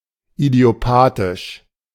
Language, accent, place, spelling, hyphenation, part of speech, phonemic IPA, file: German, Germany, Berlin, idiopathisch, idio‧pa‧thisch, adjective, /idi̯oˈpaːtɪʃ/, De-idiopathisch.ogg
- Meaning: idiopathic